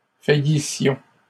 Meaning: inflection of faillir: 1. first-person plural imperfect indicative 2. first-person plural present/imperfect subjunctive
- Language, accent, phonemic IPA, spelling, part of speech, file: French, Canada, /fa.ji.sjɔ̃/, faillissions, verb, LL-Q150 (fra)-faillissions.wav